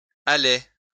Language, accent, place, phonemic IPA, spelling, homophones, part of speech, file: French, France, Lyon, /a.lɛ/, allait, aller / allé / allée / allés / allées / allais, verb, LL-Q150 (fra)-allait.wav
- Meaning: third-person singular imperfect indicative of aller